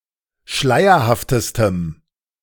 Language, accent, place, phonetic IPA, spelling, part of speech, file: German, Germany, Berlin, [ˈʃlaɪ̯ɐhaftəstəm], schleierhaftestem, adjective, De-schleierhaftestem.ogg
- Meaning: strong dative masculine/neuter singular superlative degree of schleierhaft